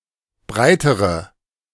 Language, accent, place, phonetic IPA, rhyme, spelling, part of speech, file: German, Germany, Berlin, [ˈbʁaɪ̯təʁə], -aɪ̯təʁə, breitere, adjective, De-breitere.ogg
- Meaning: inflection of breit: 1. strong/mixed nominative/accusative feminine singular comparative degree 2. strong nominative/accusative plural comparative degree